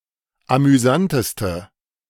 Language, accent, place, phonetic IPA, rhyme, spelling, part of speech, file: German, Germany, Berlin, [amyˈzantəstə], -antəstə, amüsanteste, adjective, De-amüsanteste.ogg
- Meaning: inflection of amüsant: 1. strong/mixed nominative/accusative feminine singular superlative degree 2. strong nominative/accusative plural superlative degree